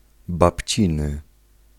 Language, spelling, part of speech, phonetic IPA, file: Polish, babciny, adjective, [bapʲˈt͡ɕĩnɨ], Pl-babciny.ogg